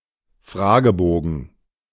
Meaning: questionnaire
- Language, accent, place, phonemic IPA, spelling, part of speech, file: German, Germany, Berlin, /ˈfʁaːɡəˌboːɡn̩/, Fragebogen, noun, De-Fragebogen.ogg